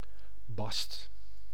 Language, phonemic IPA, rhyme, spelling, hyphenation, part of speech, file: Dutch, /bɑst/, -ɑst, bast, bast, noun / verb, Nl-bast.ogg
- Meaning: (noun) 1. inner bark 2. velvet 3. skin, hide; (verb) inflection of bassen: 1. second/third-person singular present indicative 2. plural imperative